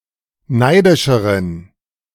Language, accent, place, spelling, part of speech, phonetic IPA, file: German, Germany, Berlin, neidischeren, adjective, [ˈnaɪ̯dɪʃəʁən], De-neidischeren.ogg
- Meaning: inflection of neidisch: 1. strong genitive masculine/neuter singular comparative degree 2. weak/mixed genitive/dative all-gender singular comparative degree